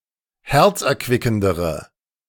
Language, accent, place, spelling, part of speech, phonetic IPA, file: German, Germany, Berlin, herzerquickendere, adjective, [ˈhɛʁt͡sʔɛɐ̯ˌkvɪkn̩dəʁə], De-herzerquickendere.ogg
- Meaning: inflection of herzerquickend: 1. strong/mixed nominative/accusative feminine singular comparative degree 2. strong nominative/accusative plural comparative degree